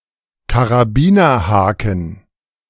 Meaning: carabiner, snap hook, snap-link (metal link with a gate)
- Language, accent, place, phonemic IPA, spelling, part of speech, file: German, Germany, Berlin, /kaʁaˈbiːnɐhaːkən/, Karabinerhaken, noun, De-Karabinerhaken.ogg